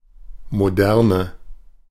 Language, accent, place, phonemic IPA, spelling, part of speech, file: German, Germany, Berlin, /moˈdɛʁnə/, Moderne, noun, De-Moderne.ogg
- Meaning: 1. modernity 2. modernism 3. the modern era